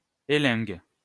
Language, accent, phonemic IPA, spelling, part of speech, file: French, France, /e.lɛ̃ɡ/, élingue, noun, LL-Q150 (fra)-élingue.wav
- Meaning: sling